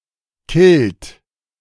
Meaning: inflection of killen: 1. second-person plural present 2. third-person singular present 3. plural imperative
- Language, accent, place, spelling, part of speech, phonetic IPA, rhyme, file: German, Germany, Berlin, killt, verb, [kɪlt], -ɪlt, De-killt.ogg